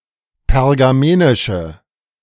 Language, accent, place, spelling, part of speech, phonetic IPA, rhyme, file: German, Germany, Berlin, pergamenische, adjective, [pɛʁɡaˈmeːnɪʃə], -eːnɪʃə, De-pergamenische.ogg
- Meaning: inflection of pergamenisch: 1. strong/mixed nominative/accusative feminine singular 2. strong nominative/accusative plural 3. weak nominative all-gender singular